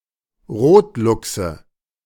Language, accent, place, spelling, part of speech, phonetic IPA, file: German, Germany, Berlin, Rotluchse, noun, [ˈʁoːtˌlʊksə], De-Rotluchse.ogg
- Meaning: nominative/accusative/genitive plural of Rotluchs